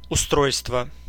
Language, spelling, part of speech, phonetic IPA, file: Russian, устройство, noun, [ʊˈstrojstvə], Ru-устройство.ogg
- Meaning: 1. arrangement 2. establishment 3. equipment 4. installation 5. organization 6. system 7. mechanism, device